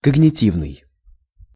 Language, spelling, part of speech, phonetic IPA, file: Russian, когнитивный, adjective, [kəɡnʲɪˈtʲivnɨj], Ru-когнитивный.ogg
- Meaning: cognitive